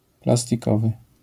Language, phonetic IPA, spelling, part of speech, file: Polish, [ˌplastʲiˈkɔvɨ], plastikowy, adjective, LL-Q809 (pol)-plastikowy.wav